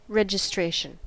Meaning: 1. The act of signing up or registering for something 2. That which registers or makes something official, e.g. the form or paper that registers
- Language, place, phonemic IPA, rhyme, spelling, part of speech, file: English, California, /ˌɹɛd͡ʒ.ɪˈstɹeɪ.ʃən/, -eɪʃən, registration, noun, En-us-registration.ogg